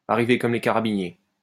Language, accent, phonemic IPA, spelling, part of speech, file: French, France, /a.ʁi.ve kɔm le ka.ʁa.bi.nje/, arriver comme les carabiniers, verb, LL-Q150 (fra)-arriver comme les carabiniers.wav
- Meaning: to come a day after the fair, to close the stable door after the horse has bolted